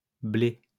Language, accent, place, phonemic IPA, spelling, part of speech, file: French, France, Lyon, /ble/, blés, noun, LL-Q150 (fra)-blés.wav
- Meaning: plural of blé